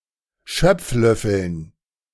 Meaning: dative plural of Schöpflöffel
- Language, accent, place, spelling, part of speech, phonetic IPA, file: German, Germany, Berlin, Schöpflöffeln, noun, [ˈʃœp͡fˌlœfl̩n], De-Schöpflöffeln.ogg